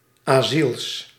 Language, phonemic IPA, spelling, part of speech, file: Dutch, /aˈsils/, asiels, noun, Nl-asiels.ogg
- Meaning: plural of asiel